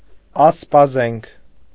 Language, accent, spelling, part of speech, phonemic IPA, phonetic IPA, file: Armenian, Eastern Armenian, ասպազենք, noun, /ɑspɑˈzenkʰ/, [ɑspɑzéŋkʰ], Hy-ասպազենք.ogg
- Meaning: alternative form of ասպազեն (aspazen)